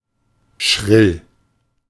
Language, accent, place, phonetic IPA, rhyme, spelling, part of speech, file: German, Germany, Berlin, [ʃʁɪl], -ɪl, schrill, adjective / verb, De-schrill.ogg
- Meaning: shrill